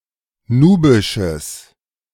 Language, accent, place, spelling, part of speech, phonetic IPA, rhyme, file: German, Germany, Berlin, nubisches, adjective, [ˈnuːbɪʃəs], -uːbɪʃəs, De-nubisches.ogg
- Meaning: strong/mixed nominative/accusative neuter singular of nubisch